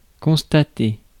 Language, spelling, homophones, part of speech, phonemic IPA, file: French, constater, constatai / constaté / constatée / constatées / constatés / constatez, verb, /kɔ̃s.ta.te/, Fr-constater.ogg
- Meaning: 1. to note, notice 2. to certify 3. to state